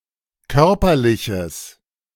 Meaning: strong/mixed nominative/accusative neuter singular of körperlich
- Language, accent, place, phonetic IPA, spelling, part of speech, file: German, Germany, Berlin, [ˈkœʁpɐlɪçəs], körperliches, adjective, De-körperliches.ogg